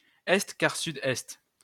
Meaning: east by south (compass point)
- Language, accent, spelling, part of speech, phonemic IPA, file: French, France, est-quart-sud-est, noun, /ɛst.kaʁ.sy.dɛst/, LL-Q150 (fra)-est-quart-sud-est.wav